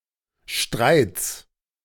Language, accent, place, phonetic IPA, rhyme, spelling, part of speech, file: German, Germany, Berlin, [ʃtʁaɪ̯t͡s], -aɪ̯t͡s, Streits, noun, De-Streits.ogg
- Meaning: 1. genitive singular of Streit 2. plural of Streit; alternative form of Streite